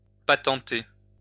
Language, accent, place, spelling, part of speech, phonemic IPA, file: French, France, Lyon, patenter, verb, /pa.tɑ̃.te/, LL-Q150 (fra)-patenter.wav
- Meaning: 1. patent 2. invent, make up 3. repair